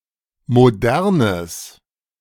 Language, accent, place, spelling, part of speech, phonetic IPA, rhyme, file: German, Germany, Berlin, modernes, adjective, [moˈdɛʁnəs], -ɛʁnəs, De-modernes.ogg
- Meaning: strong/mixed nominative/accusative neuter singular of modern